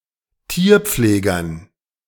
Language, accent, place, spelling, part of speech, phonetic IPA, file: German, Germany, Berlin, Tierpflegern, noun, [ˈtiːɐ̯ˌp͡fleːɡɐn], De-Tierpflegern.ogg
- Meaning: dative plural of Tierpfleger